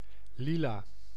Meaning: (noun) lilac (color); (adjective) lilac; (noun) a small, even shoulder-portable type of (colonial?) field gun, notably used in the East Indies
- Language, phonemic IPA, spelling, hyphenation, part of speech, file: Dutch, /ˈli.laː/, lila, li‧la, noun / adjective, Nl-lila.ogg